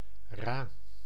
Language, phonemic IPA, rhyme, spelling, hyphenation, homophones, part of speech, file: Dutch, /raː/, -aː, ra, ra, Rha, noun, Nl-ra.ogg
- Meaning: spar (horizontal beam or pole of a ship's mastwork)